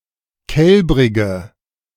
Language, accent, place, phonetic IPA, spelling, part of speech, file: German, Germany, Berlin, [ˈkɛlbʁɪɡə], kälbrige, adjective, De-kälbrige.ogg
- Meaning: inflection of kälbrig: 1. strong/mixed nominative/accusative feminine singular 2. strong nominative/accusative plural 3. weak nominative all-gender singular 4. weak accusative feminine/neuter singular